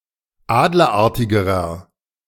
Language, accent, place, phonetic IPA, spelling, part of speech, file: German, Germany, Berlin, [ˈaːdlɐˌʔaʁtɪɡəʁɐ], adlerartigerer, adjective, De-adlerartigerer.ogg
- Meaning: inflection of adlerartig: 1. strong/mixed nominative masculine singular comparative degree 2. strong genitive/dative feminine singular comparative degree 3. strong genitive plural comparative degree